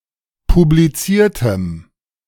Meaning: strong dative masculine/neuter singular of publiziert
- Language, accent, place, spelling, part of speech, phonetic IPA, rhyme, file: German, Germany, Berlin, publiziertem, adjective, [publiˈt͡siːɐ̯təm], -iːɐ̯təm, De-publiziertem.ogg